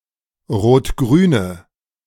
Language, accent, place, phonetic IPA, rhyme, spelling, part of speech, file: German, Germany, Berlin, [ʁoːtˈɡʁyːnə], -yːnə, rot-grüne, adjective, De-rot-grüne.ogg
- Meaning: inflection of rot-grün: 1. strong/mixed nominative/accusative feminine singular 2. strong nominative/accusative plural 3. weak nominative all-gender singular